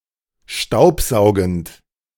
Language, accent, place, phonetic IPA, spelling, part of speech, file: German, Germany, Berlin, [ˈʃtaʊ̯pˌzaʊ̯ɡn̩t], staubsaugend, verb, De-staubsaugend.ogg
- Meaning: present participle of staubsaugen